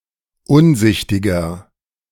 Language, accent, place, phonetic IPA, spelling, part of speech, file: German, Germany, Berlin, [ˈʊnˌzɪçtɪɡɐ], unsichtiger, adjective, De-unsichtiger.ogg
- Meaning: 1. comparative degree of unsichtig 2. inflection of unsichtig: strong/mixed nominative masculine singular 3. inflection of unsichtig: strong genitive/dative feminine singular